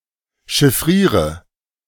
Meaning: inflection of chiffrieren: 1. first-person singular present 2. singular imperative 3. first/third-person singular subjunctive I
- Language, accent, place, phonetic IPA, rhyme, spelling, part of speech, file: German, Germany, Berlin, [ʃɪˈfʁiːʁə], -iːʁə, chiffriere, verb, De-chiffriere.ogg